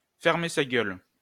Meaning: to shut one's mouth; to shut up (refrain from speech)
- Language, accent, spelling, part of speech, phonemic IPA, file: French, France, fermer sa gueule, verb, /fɛʁ.me sa ɡœl/, LL-Q150 (fra)-fermer sa gueule.wav